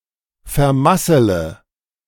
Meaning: inflection of vermasseln: 1. first-person singular present 2. first/third-person singular subjunctive I 3. singular imperative
- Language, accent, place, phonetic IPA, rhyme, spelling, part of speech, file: German, Germany, Berlin, [fɛɐ̯ˈmasələ], -asələ, vermassele, verb, De-vermassele.ogg